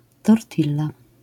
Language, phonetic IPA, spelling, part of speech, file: Polish, [tɔrˈtʲilːa], tortilla, noun, LL-Q809 (pol)-tortilla.wav